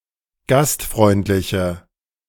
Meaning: inflection of gastfreundlich: 1. strong/mixed nominative/accusative feminine singular 2. strong nominative/accusative plural 3. weak nominative all-gender singular
- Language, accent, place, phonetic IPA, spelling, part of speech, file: German, Germany, Berlin, [ˈɡastˌfʁɔɪ̯ntlɪçə], gastfreundliche, adjective, De-gastfreundliche.ogg